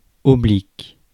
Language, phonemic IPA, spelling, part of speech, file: French, /ɔ.blik/, oblique, adjective / verb, Fr-oblique.ogg
- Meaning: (adjective) oblique; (verb) inflection of obliquer: 1. first/third-person singular present indicative/subjunctive 2. second-person singular imperative